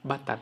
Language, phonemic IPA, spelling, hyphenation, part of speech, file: Brunei, /batat/, batat, ba‧tat, noun, Kxd-batat.ogg
- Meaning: melon